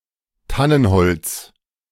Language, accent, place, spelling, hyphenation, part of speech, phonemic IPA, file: German, Germany, Berlin, Tannenholz, Tan‧nen‧holz, noun, /ˈtanənˌhɔlt͡s/, De-Tannenholz.ogg
- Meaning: firwood, fir (The wood and timber of the fir.)